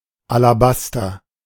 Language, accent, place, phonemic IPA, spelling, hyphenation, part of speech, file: German, Germany, Berlin, /alaˈbastɐ/, Alabaster, Ala‧bas‧ter, noun, De-Alabaster.ogg
- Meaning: alabaster